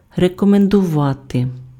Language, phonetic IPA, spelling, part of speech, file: Ukrainian, [rekɔmendʊˈʋate], рекомендувати, verb, Uk-рекомендувати.ogg
- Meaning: to recommend